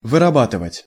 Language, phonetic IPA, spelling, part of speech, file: Russian, [vɨrɐˈbatɨvətʲ], вырабатывать, verb, Ru-вырабатывать.ogg
- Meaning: 1. to manufacture, to produce, to make 2. to work out, to draw up, to elaborate 3. to form, to cultivate 4. to make, to earn 5. to use up 6. to work out